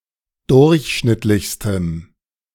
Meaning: strong dative masculine/neuter singular superlative degree of durchschnittlich
- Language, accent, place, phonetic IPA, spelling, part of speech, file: German, Germany, Berlin, [ˈdʊʁçˌʃnɪtlɪçstəm], durchschnittlichstem, adjective, De-durchschnittlichstem.ogg